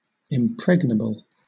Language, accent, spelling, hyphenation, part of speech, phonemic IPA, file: English, Southern England, impregnable, im‧preg‧na‧ble, adjective, /ɪmˈpɹɛɡ.nəˌb(ə)l/, LL-Q1860 (eng)-impregnable.wav
- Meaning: 1. Of a fortress or other fortified place: able to withstand all attacks; impenetrable, inconquerable, unvanquishable 2. Too strong to be defeated or overcome; invincible